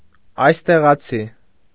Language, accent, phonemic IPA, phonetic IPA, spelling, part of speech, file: Armenian, Eastern Armenian, /ɑjsteʁɑˈt͡sʰi/, [ɑjsteʁɑt͡sʰí], այստեղացի, noun / adjective, Hy-այստեղացի.ogg
- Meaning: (noun) local (a resident of a particular place); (adjective) local (born in a particular place)